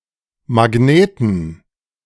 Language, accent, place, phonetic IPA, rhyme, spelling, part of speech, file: German, Germany, Berlin, [maˈɡneːtn̩], -eːtn̩, Magneten, noun, De-Magneten.ogg
- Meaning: inflection of Magnet: 1. genitive/dative/accusative singular 2. nominative/genitive/dative/accusative plural